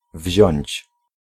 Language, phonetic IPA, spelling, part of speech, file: Polish, [vʲʑɔ̇̃ɲt͡ɕ], wziąć, verb, Pl-wziąć.ogg